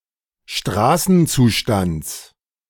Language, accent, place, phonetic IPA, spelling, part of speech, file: German, Germany, Berlin, [ˈʃtʁaːsn̩ˌt͡suːʃtant͡s], Straßenzustands, noun, De-Straßenzustands.ogg
- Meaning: genitive of Straßenzustand